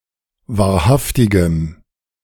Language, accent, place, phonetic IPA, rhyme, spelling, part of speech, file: German, Germany, Berlin, [vaːɐ̯ˈhaftɪɡəm], -aftɪɡəm, wahrhaftigem, adjective, De-wahrhaftigem.ogg
- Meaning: strong dative masculine/neuter singular of wahrhaftig